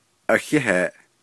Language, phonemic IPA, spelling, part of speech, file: Navajo, /ʔɑ̀hɛ́hèːʔ/, ahéheeʼ, interjection, Nv-ahéheeʼ.ogg
- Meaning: thank you